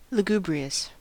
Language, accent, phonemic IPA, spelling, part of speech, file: English, US, /ləˈɡ(j)u.bɹi.əs/, lugubrious, adjective, En-us-lugubrious.ogg
- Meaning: Gloomy, mournful or dismal, especially to an exaggerated degree